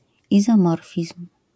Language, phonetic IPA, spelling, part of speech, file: Polish, [ˌizɔ̃ˈmɔrfʲism̥], izomorfizm, noun, LL-Q809 (pol)-izomorfizm.wav